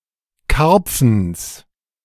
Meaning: genitive singular of Karpfen
- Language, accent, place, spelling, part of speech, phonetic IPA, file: German, Germany, Berlin, Karpfens, noun, [ˈkaʁp͡fn̩s], De-Karpfens.ogg